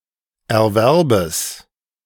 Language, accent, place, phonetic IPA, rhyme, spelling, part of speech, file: German, Germany, Berlin, [ɛɐ̯ˈvɛʁbəs], -ɛʁbəs, Erwerbes, noun, De-Erwerbes.ogg
- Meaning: genitive singular of Erwerb